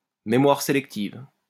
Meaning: selective memory
- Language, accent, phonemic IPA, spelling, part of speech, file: French, France, /me.mwaʁ se.lɛk.tiv/, mémoire sélective, noun, LL-Q150 (fra)-mémoire sélective.wav